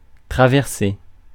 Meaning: to cross, to go across
- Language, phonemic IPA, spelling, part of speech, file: French, /tʁa.vɛʁ.se/, traverser, verb, Fr-traverser.ogg